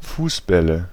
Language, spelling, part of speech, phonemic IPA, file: German, Fußbälle, noun, /ˈfuːsˌbɛlə/, De-Fußbälle.ogg
- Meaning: nominative/accusative/genitive plural of Fußball